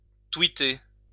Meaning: to tweet (to post to Twitter)
- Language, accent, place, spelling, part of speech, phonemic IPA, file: French, France, Lyon, twitter, verb, /twi.te/, LL-Q150 (fra)-twitter.wav